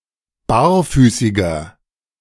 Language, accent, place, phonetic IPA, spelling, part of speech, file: German, Germany, Berlin, [ˈbaːɐ̯ˌfyːsɪɡɐ], barfüßiger, adjective, De-barfüßiger.ogg
- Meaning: inflection of barfüßig: 1. strong/mixed nominative masculine singular 2. strong genitive/dative feminine singular 3. strong genitive plural